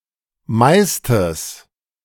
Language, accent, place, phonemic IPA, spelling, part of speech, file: German, Germany, Berlin, /ˈmaɪ̯stəs/, meistes, adjective, De-meistes.ogg
- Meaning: 1. strong/mixed nominative/accusative neuter singular superlative degree of viel 2. strong/mixed nominative/accusative neuter singular of meist